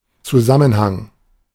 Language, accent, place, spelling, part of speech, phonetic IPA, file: German, Germany, Berlin, Zusammenhang, noun, [t͡suˈzamənhaŋ], De-Zusammenhang.ogg
- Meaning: 1. coherence, cohesion 2. interrelation, correlation, connection, connectivity, relation, nexus, link 3. context